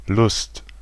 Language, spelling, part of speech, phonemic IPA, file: German, Lust, noun, /lʊst/, De-Lust.ogg
- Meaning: 1. desire; the wish to do or have something 2. satisfaction of desire; pleasure, joy, fun